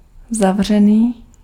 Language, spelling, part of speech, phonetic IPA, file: Czech, zavřený, adjective, [ˈzavr̝ɛniː], Cs-zavřený.ogg
- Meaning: 1. closed (of door) 2. close (of a vowel)